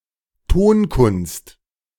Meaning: music
- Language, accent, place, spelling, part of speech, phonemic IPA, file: German, Germany, Berlin, Tonkunst, noun, /ˈtoːnˌkʊnst/, De-Tonkunst.ogg